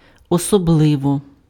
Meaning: especially, particularly
- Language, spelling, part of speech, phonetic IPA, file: Ukrainian, особливо, adverb, [ɔsɔˈbɫɪwɔ], Uk-особливо.ogg